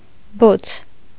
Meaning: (noun) 1. flames, blaze, fire 2. passion, ardor, fervor 3. amusing thing, joke; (adjective) 1. hot, red-hot, burning 2. fiery, ardent, fervent 3. rad, excellent
- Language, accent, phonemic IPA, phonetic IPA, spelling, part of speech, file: Armenian, Eastern Armenian, /bot͡sʰ/, [bot͡sʰ], բոց, noun / adjective, Hy-բոց.ogg